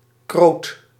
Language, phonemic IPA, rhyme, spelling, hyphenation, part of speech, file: Dutch, /kroːt/, -oːt, kroot, kroot, noun, Nl-kroot.ogg
- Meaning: 1. beet 2. beet: beetroot, red beet